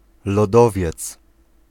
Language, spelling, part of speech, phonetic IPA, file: Polish, lodowiec, noun, [lɔˈdɔvʲjɛt͡s], Pl-lodowiec.ogg